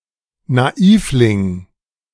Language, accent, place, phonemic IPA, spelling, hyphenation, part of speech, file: German, Germany, Berlin, /naˈiːflɪŋ/, Naivling, Na‧iv‧ling, noun, De-Naivling.ogg
- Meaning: simpleton